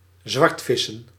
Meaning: to fish illegally (e.g. without a fishing licence)
- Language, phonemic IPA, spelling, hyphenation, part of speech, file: Dutch, /ˈzʋɑrtˌfɪ.sə(n)/, zwartvissen, zwart‧vis‧sen, verb, Nl-zwartvissen.ogg